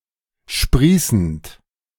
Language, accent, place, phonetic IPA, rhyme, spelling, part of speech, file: German, Germany, Berlin, [ˈʃpʁiːsn̩t], -iːsn̩t, sprießend, verb, De-sprießend.ogg
- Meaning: present participle of sprießen